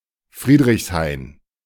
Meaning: 1. a district (Ortsteil) of Friedrichshain-Kreuzberg borough, Berlin, Germany 2. a district (Ortsteil) of Felixsee, Spree-Neiße district, Brandenburg, Germany
- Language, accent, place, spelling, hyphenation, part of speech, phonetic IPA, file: German, Germany, Berlin, Friedrichshain, Fried‧richs‧hain, proper noun, [ˈfʁiːdʁɪçsˌhaɪ̯n], De-Friedrichshain.ogg